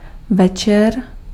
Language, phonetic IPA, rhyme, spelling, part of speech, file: Czech, [ˈvɛt͡ʃɛr], -ɛtʃɛr, večer, noun, Cs-večer.ogg
- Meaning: evening, night